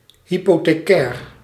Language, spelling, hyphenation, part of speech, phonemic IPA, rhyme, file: Dutch, hypothecair, hy‧po‧the‧cair, adjective, /ˌɦi.poː.teːˈkɛːr/, -ɛːr, Nl-hypothecair.ogg
- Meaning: hypothecary